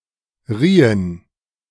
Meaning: inflection of reihen: 1. first/third-person plural preterite 2. first/third-person plural subjunctive II
- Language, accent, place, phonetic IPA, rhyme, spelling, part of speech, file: German, Germany, Berlin, [ˈʁiːən], -iːən, riehen, verb, De-riehen.ogg